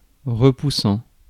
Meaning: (verb) present participle of repousser; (adjective) repulsive, revulsing, revolting, repugnant
- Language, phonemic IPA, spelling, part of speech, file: French, /ʁə.pu.sɑ̃/, repoussant, verb / adjective, Fr-repoussant.ogg